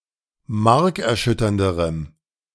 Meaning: strong dative masculine/neuter singular comparative degree of markerschütternd
- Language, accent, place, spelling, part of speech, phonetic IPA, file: German, Germany, Berlin, markerschütternderem, adjective, [ˈmaʁkɛɐ̯ˌʃʏtɐndəʁəm], De-markerschütternderem.ogg